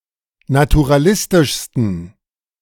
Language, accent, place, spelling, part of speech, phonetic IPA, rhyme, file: German, Germany, Berlin, naturalistischsten, adjective, [natuʁaˈlɪstɪʃstn̩], -ɪstɪʃstn̩, De-naturalistischsten.ogg
- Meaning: 1. superlative degree of naturalistisch 2. inflection of naturalistisch: strong genitive masculine/neuter singular superlative degree